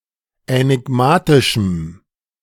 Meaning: strong dative masculine/neuter singular of änigmatisch
- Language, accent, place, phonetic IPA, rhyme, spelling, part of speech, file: German, Germany, Berlin, [ɛnɪˈɡmaːtɪʃm̩], -aːtɪʃm̩, änigmatischem, adjective, De-änigmatischem.ogg